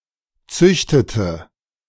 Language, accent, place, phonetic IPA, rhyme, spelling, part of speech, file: German, Germany, Berlin, [ˈt͡sʏçtətə], -ʏçtətə, züchtete, verb, De-züchtete.ogg
- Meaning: inflection of züchten: 1. first/third-person singular preterite 2. first/third-person singular subjunctive II